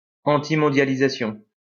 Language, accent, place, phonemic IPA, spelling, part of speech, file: French, France, Lyon, /ɑ̃.ti.mɔ̃.dja.li.za.sjɔ̃/, antimondialisation, noun, LL-Q150 (fra)-antimondialisation.wav
- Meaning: antiglobalization